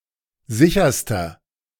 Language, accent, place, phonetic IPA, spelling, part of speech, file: German, Germany, Berlin, [ˈzɪçɐstɐ], sicherster, adjective, De-sicherster.ogg
- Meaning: inflection of sicher: 1. strong/mixed nominative masculine singular superlative degree 2. strong genitive/dative feminine singular superlative degree 3. strong genitive plural superlative degree